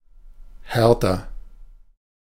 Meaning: comparative degree of hart
- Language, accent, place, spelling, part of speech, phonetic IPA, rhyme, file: German, Germany, Berlin, härter, adjective, [ˈhɛʁtɐ], -ɛʁtɐ, De-härter.ogg